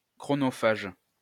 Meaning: time-consuming
- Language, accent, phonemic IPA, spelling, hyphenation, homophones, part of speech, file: French, France, /kʁɔ.nɔ.faʒ/, chronophage, chro‧no‧phage, chronophages, adjective, LL-Q150 (fra)-chronophage.wav